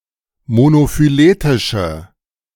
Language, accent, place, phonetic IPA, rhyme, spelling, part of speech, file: German, Germany, Berlin, [monofyˈleːtɪʃə], -eːtɪʃə, monophyletische, adjective, De-monophyletische.ogg
- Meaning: inflection of monophyletisch: 1. strong/mixed nominative/accusative feminine singular 2. strong nominative/accusative plural 3. weak nominative all-gender singular